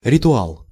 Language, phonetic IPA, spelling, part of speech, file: Russian, [rʲɪtʊˈaɫ], ритуал, noun, Ru-ритуал.ogg
- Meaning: ritual